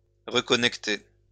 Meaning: to reconnect
- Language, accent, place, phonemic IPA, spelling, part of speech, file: French, France, Lyon, /ʁə.kɔ.nɛk.te/, reconnecter, verb, LL-Q150 (fra)-reconnecter.wav